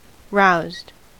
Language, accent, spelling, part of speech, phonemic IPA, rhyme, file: English, US, roused, adjective / verb, /ˈɹaʊzd/, -aʊzd, En-us-roused.ogg
- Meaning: simple past and past participle of rouse